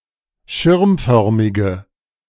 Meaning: inflection of schirmförmig: 1. strong/mixed nominative/accusative feminine singular 2. strong nominative/accusative plural 3. weak nominative all-gender singular
- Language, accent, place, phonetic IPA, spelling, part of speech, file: German, Germany, Berlin, [ˈʃɪʁmˌfœʁmɪɡə], schirmförmige, adjective, De-schirmförmige.ogg